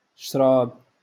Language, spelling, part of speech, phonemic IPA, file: Moroccan Arabic, شراب, noun, /ʃraːb/, LL-Q56426 (ary)-شراب.wav
- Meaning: 1. wine 2. alcoholic drink